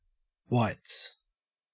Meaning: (noun) 1. plural of white 2. A set of white clothes, especially as a uniform 3. A set of white clothes, especially as a uniform.: The white uniform of a chef
- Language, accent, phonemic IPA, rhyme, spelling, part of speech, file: English, Australia, /(h)waɪts/, -aɪts, whites, noun / verb, En-au-whites.ogg